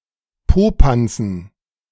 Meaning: dative plural of Popanz
- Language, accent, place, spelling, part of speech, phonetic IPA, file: German, Germany, Berlin, Popanzen, noun, [ˈpoːpant͡sn̩], De-Popanzen.ogg